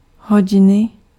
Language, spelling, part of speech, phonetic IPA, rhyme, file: Czech, hodiny, noun, [ˈɦoɟɪnɪ], -ɪnɪ, Cs-hodiny.ogg
- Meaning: 1. inflection of hodina: genitive singular 2. inflection of hodina: nominative/accusative/vocative plural 3. clock (instrument to measure time)